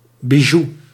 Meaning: a piece of jewelry, often specifically with fake gems
- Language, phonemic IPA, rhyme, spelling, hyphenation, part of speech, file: Dutch, /biˈʒu/, -u, bijou, bi‧jou, noun, Nl-bijou.ogg